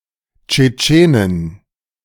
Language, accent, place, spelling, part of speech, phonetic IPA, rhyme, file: German, Germany, Berlin, Tschetschenin, noun, [t͡ʃeˈt͡ʃeːnɪn], -eːnɪn, De-Tschetschenin.ogg
- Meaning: Chechen (woman from Chechnya)